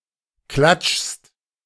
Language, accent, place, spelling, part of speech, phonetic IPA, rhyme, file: German, Germany, Berlin, klatschst, verb, [klat͡ʃst], -at͡ʃst, De-klatschst.ogg
- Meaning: second-person singular present of klatschen